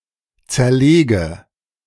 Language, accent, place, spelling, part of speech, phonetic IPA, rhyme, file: German, Germany, Berlin, zerlege, verb, [ˌt͡sɛɐ̯ˈleːɡə], -eːɡə, De-zerlege.ogg
- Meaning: inflection of zerlegen: 1. first-person singular present 2. first/third-person singular subjunctive I 3. singular imperative